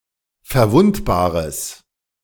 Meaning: strong/mixed nominative/accusative neuter singular of verwundbar
- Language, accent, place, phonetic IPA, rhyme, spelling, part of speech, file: German, Germany, Berlin, [fɛɐ̯ˈvʊntbaːʁəs], -ʊntbaːʁəs, verwundbares, adjective, De-verwundbares.ogg